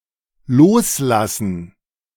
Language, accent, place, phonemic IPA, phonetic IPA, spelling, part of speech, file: German, Germany, Berlin, /ˈloːsˌlasən/, [ˈloːsˌlasn̩], loslassen, verb, De-loslassen.ogg
- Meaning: to let loose, let go (physically or emotionally)